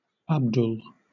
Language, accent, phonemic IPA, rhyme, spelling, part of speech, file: English, Southern England, /ˈæbdʊl/, -ʊl, Abdul, proper noun / noun, LL-Q1860 (eng)-Abdul.wav
- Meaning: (proper noun) A male given name from Arabic used by Muslims; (noun) A Muslim